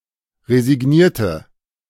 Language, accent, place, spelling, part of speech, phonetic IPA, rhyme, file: German, Germany, Berlin, resignierte, adjective / verb, [ʁezɪˈɡniːɐ̯tə], -iːɐ̯tə, De-resignierte.ogg
- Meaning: inflection of resigniert: 1. strong/mixed nominative/accusative feminine singular 2. strong nominative/accusative plural 3. weak nominative all-gender singular